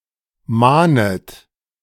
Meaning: second-person plural subjunctive I of mahnen
- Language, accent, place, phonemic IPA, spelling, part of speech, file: German, Germany, Berlin, /ˈmaːnət/, mahnet, verb, De-mahnet.ogg